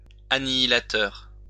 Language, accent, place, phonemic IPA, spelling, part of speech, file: French, France, Lyon, /a.ni.i.la.tœʁ/, annihilateur, noun / adjective, LL-Q150 (fra)-annihilateur.wav
- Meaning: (noun) annihilator; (adjective) annihilating